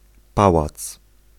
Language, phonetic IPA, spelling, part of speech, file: Polish, [ˈpawat͡s], pałac, noun, Pl-pałac.ogg